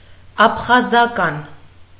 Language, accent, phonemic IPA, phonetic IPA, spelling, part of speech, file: Armenian, Eastern Armenian, /ɑpʰχɑzɑˈkɑn/, [ɑpʰχɑzɑkɑ́n], աբխազական, adjective, Hy-աբխազական.ogg
- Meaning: Abkhazian